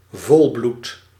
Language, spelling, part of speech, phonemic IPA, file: Dutch, volbloed, noun / adjective, /ˈvɔlblut/, Nl-volbloed.ogg
- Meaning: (adjective) 1. thoroughbred, purebred 2. racially pure 3. pedigreed 4. fierce, dedicated to passionate; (noun) Thoroughbred, a horse of prime stock